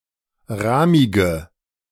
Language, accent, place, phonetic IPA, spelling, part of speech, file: German, Germany, Berlin, [ˈʁaːmɪɡə], rahmige, adjective, De-rahmige.ogg
- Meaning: inflection of rahmig: 1. strong/mixed nominative/accusative feminine singular 2. strong nominative/accusative plural 3. weak nominative all-gender singular 4. weak accusative feminine/neuter singular